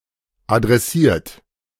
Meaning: 1. past participle of adressieren 2. inflection of adressieren: third-person singular present 3. inflection of adressieren: second-person plural present 4. inflection of adressieren: plural imperative
- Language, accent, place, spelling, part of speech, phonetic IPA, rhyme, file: German, Germany, Berlin, adressiert, verb, [adʁɛˈsiːɐ̯t], -iːɐ̯t, De-adressiert.ogg